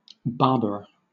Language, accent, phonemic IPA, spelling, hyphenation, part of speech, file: English, Southern England, /ˈbɑːb(ə)ɹə/, Barbara, Bar‧ba‧ra, proper noun, LL-Q1860 (eng)-Barbara.wav
- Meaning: 1. A female given name from Latin 2. A syllogism in which all three propositions are of the form "All X are Y" or "X is a Y"